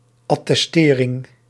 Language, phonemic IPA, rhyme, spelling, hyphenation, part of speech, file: Dutch, /ˌɑ.tɛsˈteː.rɪŋ/, -eːrɪŋ, attestering, at‧tes‧te‧ring, noun, Nl-attestering.ogg
- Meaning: certification